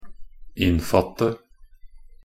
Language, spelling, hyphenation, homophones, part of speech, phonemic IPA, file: Norwegian Bokmål, innfatte, inn‧fatte, inn / in, verb, /ˈɪnːfɑtːə/, Nb-innfatte.ogg
- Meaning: 1. to set; enclose (frame with and attach to the edge of something) 2. to enframe (to enclose in, or as if in, a frame)